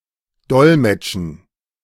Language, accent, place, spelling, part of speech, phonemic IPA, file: German, Germany, Berlin, dolmetschen, verb, /ˈdɔlmɛtʃən/, De-dolmetschen.ogg
- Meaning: 1. to translate 2. to interpret (to act as an interpreter)